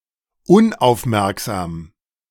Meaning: inattentive
- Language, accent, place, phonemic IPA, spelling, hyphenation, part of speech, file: German, Germany, Berlin, /ˈʊnʔaʊ̯fˌmɛʁkzaːm/, unaufmerksam, un‧auf‧merk‧sam, adjective, De-unaufmerksam.ogg